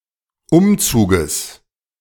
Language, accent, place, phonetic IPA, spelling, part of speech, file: German, Germany, Berlin, [ˈʊmˌt͡suːɡəs], Umzuges, noun, De-Umzuges.ogg
- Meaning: genitive singular of Umzug